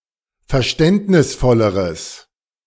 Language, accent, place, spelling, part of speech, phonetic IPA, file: German, Germany, Berlin, verständnisvolleres, adjective, [fɛɐ̯ˈʃtɛntnɪsˌfɔləʁəs], De-verständnisvolleres.ogg
- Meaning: strong/mixed nominative/accusative neuter singular comparative degree of verständnisvoll